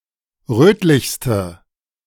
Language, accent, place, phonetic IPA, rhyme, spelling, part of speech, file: German, Germany, Berlin, [ˈʁøːtlɪçstə], -øːtlɪçstə, rötlichste, adjective, De-rötlichste.ogg
- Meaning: inflection of rötlich: 1. strong/mixed nominative/accusative feminine singular superlative degree 2. strong nominative/accusative plural superlative degree